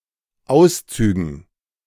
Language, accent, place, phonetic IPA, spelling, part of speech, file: German, Germany, Berlin, [ˈaʊ̯sˌt͡syːɡn̩], Auszügen, noun, De-Auszügen.ogg
- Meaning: dative plural of Auszug